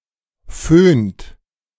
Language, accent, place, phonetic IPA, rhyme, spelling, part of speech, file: German, Germany, Berlin, [føːnt], -øːnt, föhnt, verb, De-föhnt.ogg
- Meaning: inflection of föhnen: 1. second-person plural present 2. third-person singular present 3. plural imperative